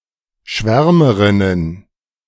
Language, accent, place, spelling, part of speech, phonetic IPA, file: German, Germany, Berlin, Schwärmerinnen, noun, [ˈʃvɛʁməʁɪnən], De-Schwärmerinnen.ogg
- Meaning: plural of Schwärmerin